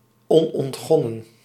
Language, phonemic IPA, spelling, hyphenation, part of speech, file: Dutch, /ˌɔn.ɔntˈxɔ.nə(n)/, onontgonnen, on‧ont‧gon‧nen, adjective, Nl-onontgonnen.ogg
- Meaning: undeveloped, uncultivated (of land, natural resources)